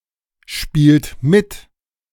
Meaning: inflection of mitspielen: 1. second-person plural present 2. third-person singular present 3. plural imperative
- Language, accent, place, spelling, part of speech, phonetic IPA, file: German, Germany, Berlin, spielt mit, verb, [ˌʃpiːlt ˈmɪt], De-spielt mit.ogg